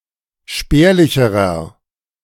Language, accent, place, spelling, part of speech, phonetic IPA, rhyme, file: German, Germany, Berlin, spärlicherer, adjective, [ˈʃpɛːɐ̯lɪçəʁɐ], -ɛːɐ̯lɪçəʁɐ, De-spärlicherer.ogg
- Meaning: inflection of spärlich: 1. strong/mixed nominative masculine singular comparative degree 2. strong genitive/dative feminine singular comparative degree 3. strong genitive plural comparative degree